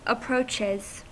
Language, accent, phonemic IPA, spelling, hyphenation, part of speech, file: English, General American, /əˈpɹoʊt͡ʃiz/, approaches, ap‧proach‧es, noun / verb, En-us-approaches.ogg
- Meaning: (noun) 1. Movements to gain favour; advances 2. The covered roads, trenches, or other works made by besiegers or soldiers in their advances toward a place such as a fortress or military post